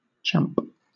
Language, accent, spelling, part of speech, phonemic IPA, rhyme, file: English, Southern England, champ, noun / verb, /t͡ʃæmp/, -æmp, LL-Q1860 (eng)-champ.wav
- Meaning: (noun) 1. Clipping of champion 2. Clipping of championship 3. Buddy, sport, mate. (as a term of address); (verb) To act or behave like a champ; to endure